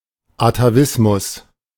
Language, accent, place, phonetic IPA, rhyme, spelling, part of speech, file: German, Germany, Berlin, [ataˈvɪsmʊs], -ɪsmʊs, Atavismus, noun, De-Atavismus.ogg
- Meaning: atavism